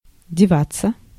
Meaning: 1. to disappear, to get (to another place) 2. to put oneself, to go away 3. passive of дева́ть (devátʹ)
- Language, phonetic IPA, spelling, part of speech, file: Russian, [dʲɪˈvat͡sːə], деваться, verb, Ru-деваться.ogg